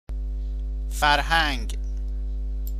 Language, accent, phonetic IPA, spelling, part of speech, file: Persian, Iran, [fæɹ.hǽɲɡʲ̥], فرهنگ, noun / proper noun, Fa-فرهنگ.ogg
- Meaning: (noun) 1. culture 2. knowledge, education 3. civility, courtesy 4. dictionary; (proper noun) a male given name